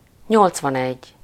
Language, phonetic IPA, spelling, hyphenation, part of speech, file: Hungarian, [ˈɲolt͡svɒnɛɟː], nyolcvanegy, nyolc‧van‧egy, numeral, Hu-nyolcvanegy.ogg
- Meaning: eighty-one